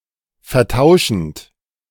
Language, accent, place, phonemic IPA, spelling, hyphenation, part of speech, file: German, Germany, Berlin, /fɛɐ̯ˈtaʊ̯ʃənt/, vertauschend, ver‧tau‧schend, verb, De-vertauschend.ogg
- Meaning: present participle of vertauschen